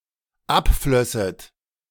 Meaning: second-person plural dependent subjunctive II of abfließen
- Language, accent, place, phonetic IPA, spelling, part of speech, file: German, Germany, Berlin, [ˈapˌflœsət], abflösset, verb, De-abflösset.ogg